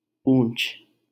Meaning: 1. tail (of an animal) 2. rear of an object
- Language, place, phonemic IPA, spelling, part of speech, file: Hindi, Delhi, /pũːt͡ʃʰ/, पूँछ, noun, LL-Q1568 (hin)-पूँछ.wav